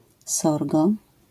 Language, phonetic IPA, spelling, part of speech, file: Polish, [ˈsɔrɡɔ], sorgo, noun, LL-Q809 (pol)-sorgo.wav